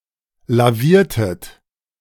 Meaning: inflection of lavieren: 1. second-person plural preterite 2. second-person plural subjunctive II
- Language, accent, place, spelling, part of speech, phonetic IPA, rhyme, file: German, Germany, Berlin, laviertet, verb, [laˈviːɐ̯tət], -iːɐ̯tət, De-laviertet.ogg